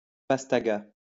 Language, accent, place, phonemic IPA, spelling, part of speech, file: French, France, Lyon, /pas.ta.ɡa/, pastaga, noun, LL-Q150 (fra)-pastaga.wav
- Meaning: pastis